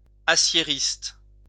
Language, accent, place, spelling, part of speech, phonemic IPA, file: French, France, Lyon, aciériste, noun, /a.sje.ʁist/, LL-Q150 (fra)-aciériste.wav
- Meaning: steelmaker